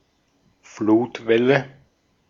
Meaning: tidal wave (tsunami)
- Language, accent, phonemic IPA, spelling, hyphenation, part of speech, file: German, Austria, /ˈfluːtˌvɛlə/, Flutwelle, Flut‧wel‧le, noun, De-at-Flutwelle.ogg